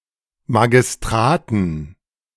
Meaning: dative plural of Magistrat
- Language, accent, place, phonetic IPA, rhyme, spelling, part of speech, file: German, Germany, Berlin, [maɡɪsˈtʁaːtn̩], -aːtn̩, Magistraten, noun, De-Magistraten.ogg